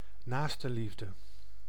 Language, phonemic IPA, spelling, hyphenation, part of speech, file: Dutch, /ˈnaːs.tə(n)ˌlif.də/, naastenliefde, naas‧ten‧lief‧de, noun, Nl-naastenliefde.ogg
- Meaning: altruism, charity, philanthropy